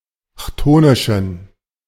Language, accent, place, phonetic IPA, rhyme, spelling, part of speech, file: German, Germany, Berlin, [ˈçtoːnɪʃn̩], -oːnɪʃn̩, chthonischen, adjective, De-chthonischen.ogg
- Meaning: inflection of chthonisch: 1. strong genitive masculine/neuter singular 2. weak/mixed genitive/dative all-gender singular 3. strong/weak/mixed accusative masculine singular 4. strong dative plural